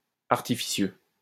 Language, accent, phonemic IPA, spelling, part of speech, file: French, France, /aʁ.ti.fi.sjø/, artificieux, adjective, LL-Q150 (fra)-artificieux.wav
- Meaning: 1. artful, deceitful 2. wily, cunning, sly